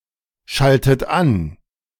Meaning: inflection of anschalten: 1. third-person singular present 2. second-person plural present 3. second-person plural subjunctive I 4. plural imperative
- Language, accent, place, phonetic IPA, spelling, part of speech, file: German, Germany, Berlin, [ˌʃaltət ˈan], schaltet an, verb, De-schaltet an.ogg